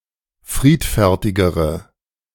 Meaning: inflection of friedfertig: 1. strong/mixed nominative/accusative feminine singular comparative degree 2. strong nominative/accusative plural comparative degree
- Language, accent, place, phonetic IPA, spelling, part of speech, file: German, Germany, Berlin, [ˈfʁiːtfɛʁtɪɡəʁə], friedfertigere, adjective, De-friedfertigere.ogg